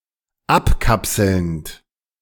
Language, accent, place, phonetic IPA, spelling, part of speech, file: German, Germany, Berlin, [ˈapˌkapsl̩nt], abkapselnd, verb, De-abkapselnd.ogg
- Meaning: present participle of abkapseln